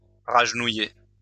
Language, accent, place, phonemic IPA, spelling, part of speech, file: French, France, Lyon, /ʁaʒ.nu.je/, ragenouiller, verb, LL-Q150 (fra)-ragenouiller.wav
- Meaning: to kneel (down) again